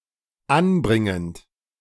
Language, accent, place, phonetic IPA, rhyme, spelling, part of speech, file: German, Germany, Berlin, [ˈanˌbʁɪŋənt], -anbʁɪŋənt, anbringend, verb, De-anbringend.ogg
- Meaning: present participle of anbringen